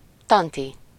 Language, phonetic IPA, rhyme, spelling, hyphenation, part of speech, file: Hungarian, [ˈtɒnti], -ti, tanti, tan‧ti, noun, Hu-tanti.ogg
- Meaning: aunt